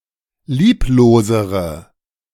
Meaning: inflection of lieblos: 1. strong/mixed nominative/accusative feminine singular comparative degree 2. strong nominative/accusative plural comparative degree
- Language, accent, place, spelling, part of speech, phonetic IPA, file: German, Germany, Berlin, lieblosere, adjective, [ˈliːploːzəʁə], De-lieblosere.ogg